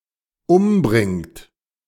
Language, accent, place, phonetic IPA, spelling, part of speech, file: German, Germany, Berlin, [ˈʊmˌbʁɪŋt], umbringt, verb, De-umbringt.ogg
- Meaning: inflection of umbringen: 1. third-person singular dependent present 2. second-person plural dependent present